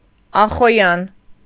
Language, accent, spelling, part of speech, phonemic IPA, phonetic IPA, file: Armenian, Eastern Armenian, ախոյան, noun, /ɑχoˈjɑn/, [ɑχojɑ́n], Hy-ախոյան.ogg
- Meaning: 1. adversary, foe 2. competitor, contestant 3. champion, winner of a competition 4. supporter, defender, champion